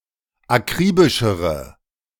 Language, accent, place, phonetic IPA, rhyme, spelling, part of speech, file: German, Germany, Berlin, [aˈkʁiːbɪʃəʁə], -iːbɪʃəʁə, akribischere, adjective, De-akribischere.ogg
- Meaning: inflection of akribisch: 1. strong/mixed nominative/accusative feminine singular comparative degree 2. strong nominative/accusative plural comparative degree